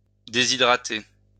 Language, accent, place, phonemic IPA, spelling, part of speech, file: French, France, Lyon, /de.zi.dʁa.te/, déshydrater, verb, LL-Q150 (fra)-déshydrater.wav
- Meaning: to dehydrate